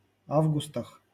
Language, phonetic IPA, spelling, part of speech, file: Russian, [ˈavɡʊstəx], августах, noun, LL-Q7737 (rus)-августах.wav
- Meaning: prepositional plural of а́вгуст (ávgust)